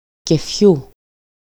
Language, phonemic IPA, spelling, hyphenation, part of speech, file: Greek, /ceˈfçu/, κεφιού, κε‧φιού, noun, EL-κεφιού.ogg
- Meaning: genitive singular of κέφι (kéfi)